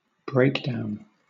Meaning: A failure, particularly one which is mechanical in nature
- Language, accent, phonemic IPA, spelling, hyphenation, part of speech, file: English, Southern England, /ˈbɹeɪkdaʊn/, breakdown, break‧down, noun, LL-Q1860 (eng)-breakdown.wav